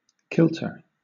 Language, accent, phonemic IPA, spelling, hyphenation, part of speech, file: English, Southern England, /ˈkɪltə/, kilter, kilt‧er, noun, LL-Q1860 (eng)-kilter.wav
- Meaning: 1. Chiefly in out of kilter: (good) condition, form, or order; fettle 2. A hand of playing cards which is useless